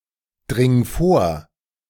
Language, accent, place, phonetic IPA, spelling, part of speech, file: German, Germany, Berlin, [ˌdʁɪŋ ˈfoːɐ̯], dring vor, verb, De-dring vor.ogg
- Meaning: singular imperative of vordringen